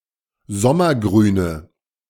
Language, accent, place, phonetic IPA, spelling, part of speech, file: German, Germany, Berlin, [ˈzɔmɐˌɡʁyːnə], sommergrüne, adjective, De-sommergrüne.ogg
- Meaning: inflection of sommergrün: 1. strong/mixed nominative/accusative feminine singular 2. strong nominative/accusative plural 3. weak nominative all-gender singular